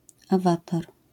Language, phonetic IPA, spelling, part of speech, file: Polish, [aˈvatar], awatar, noun, LL-Q809 (pol)-awatar.wav